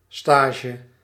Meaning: 1. probation, induction 2. apprenticeship 3. internship
- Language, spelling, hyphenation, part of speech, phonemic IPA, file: Dutch, stage, sta‧ge, noun, /ˈstaː.ʒə/, Nl-stage.ogg